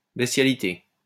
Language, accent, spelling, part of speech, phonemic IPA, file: French, France, bestialité, noun, /bɛs.tja.li.te/, LL-Q150 (fra)-bestialité.wav
- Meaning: 1. bestiality (beastlike, brutish behavior) 2. bestiality (sexual relations with an animal)